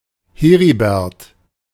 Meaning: a male given name from Old High German
- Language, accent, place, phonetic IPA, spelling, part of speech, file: German, Germany, Berlin, [ˈheːʁibɛʁt], Heribert, proper noun, De-Heribert.ogg